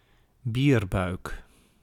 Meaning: 1. a belly with an excess of subcutaneous fat, often blamed to excess consumption of beer; a potbelly, beer belly 2. someone with a beer belly
- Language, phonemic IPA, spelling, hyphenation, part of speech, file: Dutch, /ˈbir.bœy̯k/, bierbuik, bier‧buik, noun, Nl-bierbuik.ogg